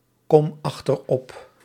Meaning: inflection of achteropkomen: 1. first-person singular present indicative 2. second-person singular present indicative 3. imperative
- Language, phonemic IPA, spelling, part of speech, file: Dutch, /ˈkɔm ɑxtərˈɔp/, kom achterop, verb, Nl-kom achterop.ogg